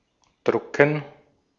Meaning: to print (a book, newspaper etc.)
- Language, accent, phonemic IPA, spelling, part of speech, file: German, Austria, /ˈdrʊkən/, drucken, verb, De-at-drucken.ogg